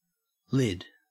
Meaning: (noun) 1. The top or cover of a container 2. A cap or hat 3. One ounce of cannabis 4. A bodyboard or bodyboarder 5. An operculum or other lid-like cover 6. A motorcyclist's crash helmet
- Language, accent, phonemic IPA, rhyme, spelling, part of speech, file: English, Australia, /lɪd/, -ɪd, lid, noun / verb, En-au-lid.ogg